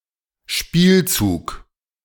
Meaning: 1. move, play 2. move, game move, turn, play (in games in general)
- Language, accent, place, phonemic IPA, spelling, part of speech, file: German, Germany, Berlin, /ˈʃpiːlˌt͡suːk/, Spielzug, noun, De-Spielzug.ogg